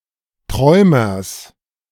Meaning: genitive singular of Träumer
- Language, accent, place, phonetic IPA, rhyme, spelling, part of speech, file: German, Germany, Berlin, [ˈtʁɔɪ̯mɐs], -ɔɪ̯mɐs, Träumers, noun, De-Träumers.ogg